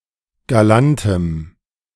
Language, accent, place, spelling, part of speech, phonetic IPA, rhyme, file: German, Germany, Berlin, galantem, adjective, [ɡaˈlantəm], -antəm, De-galantem.ogg
- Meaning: strong dative masculine/neuter singular of galant